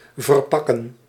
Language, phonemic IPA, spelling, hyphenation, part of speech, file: Dutch, /vərˈpɑ.kə(n)/, verpakken, ver‧pak‧ken, verb, Nl-verpakken.ogg
- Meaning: 1. to wrap up, to package (to fold and secure something to be the cover or protection) 2. to box (to place inside a box) 3. to bag (to put into a bag) 4. to tarp (to cover with a tarpaulin)